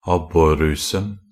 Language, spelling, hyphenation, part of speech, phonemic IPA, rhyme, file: Norwegian Bokmål, abborrusen, ab‧bor‧ru‧sen, noun, /ˈabːɔrːʉːsn̩/, -ʉːsn̩, Nb-abborrusen.ogg
- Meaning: definite masculine singular of abborruse